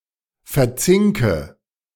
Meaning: inflection of verzinken: 1. first-person singular present 2. first/third-person singular subjunctive I 3. singular imperative
- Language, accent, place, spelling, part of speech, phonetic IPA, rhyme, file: German, Germany, Berlin, verzinke, verb, [fɛɐ̯ˈt͡sɪŋkə], -ɪŋkə, De-verzinke.ogg